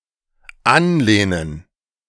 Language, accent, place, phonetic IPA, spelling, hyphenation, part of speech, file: German, Germany, Berlin, [ˈanˌleːnən], anlehnen, an‧leh‧nen, verb, De-anlehnen.ogg
- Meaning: 1. to lean 2. to leave ajar